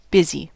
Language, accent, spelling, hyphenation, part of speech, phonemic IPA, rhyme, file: English, US, busy, bus‧y, adjective / noun / verb, /ˈbɪz.i/, -ɪzi, En-us-busy.ogg
- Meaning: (adjective) 1. Crowded with business or activities; having a great deal going on 2. Engaged with or preoccupied by an activity or person 3. Having much work to do; having much to get done